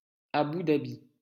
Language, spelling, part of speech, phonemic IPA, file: French, Abou Dhabi, proper noun, /a.bu da.bi/, LL-Q150 (fra)-Abou Dhabi.wav
- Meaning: alternative form of Abou Dabi